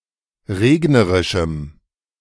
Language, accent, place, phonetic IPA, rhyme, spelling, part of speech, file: German, Germany, Berlin, [ˈʁeːɡnəʁɪʃm̩], -eːɡnəʁɪʃm̩, regnerischem, adjective, De-regnerischem.ogg
- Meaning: strong dative masculine/neuter singular of regnerisch